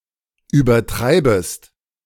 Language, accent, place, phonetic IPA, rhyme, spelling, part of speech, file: German, Germany, Berlin, [yːbɐˈtʁaɪ̯bəst], -aɪ̯bəst, übertreibest, verb, De-übertreibest.ogg
- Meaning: second-person singular subjunctive I of übertreiben